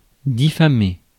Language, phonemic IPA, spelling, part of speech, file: French, /di.fa.me/, diffamer, verb, Fr-diffamer.ogg
- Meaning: to defame; smear; ruin the name of